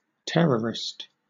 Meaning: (noun) A person, group, or organization that uses violent action, or the threat of violent action, to further political goals
- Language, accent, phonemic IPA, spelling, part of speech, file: English, Southern England, /ˈtɛɹəɹɪst/, terrorist, noun / adjective, LL-Q1860 (eng)-terrorist.wav